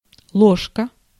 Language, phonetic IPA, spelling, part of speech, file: Russian, [ˈɫoʂkə], ложка, noun, Ru-ложка.ogg
- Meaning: 1. spoon 2. spoonful 3. shoehorn 4. spoon (musical instrument)